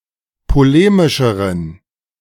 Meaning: inflection of polemisch: 1. strong genitive masculine/neuter singular comparative degree 2. weak/mixed genitive/dative all-gender singular comparative degree
- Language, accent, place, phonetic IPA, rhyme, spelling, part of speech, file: German, Germany, Berlin, [poˈleːmɪʃəʁən], -eːmɪʃəʁən, polemischeren, adjective, De-polemischeren.ogg